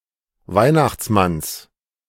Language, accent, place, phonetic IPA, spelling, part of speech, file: German, Germany, Berlin, [ˈvaɪ̯naxt͡sˌmans], Weihnachtsmanns, noun, De-Weihnachtsmanns.ogg
- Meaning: genitive singular of Weihnachtsmann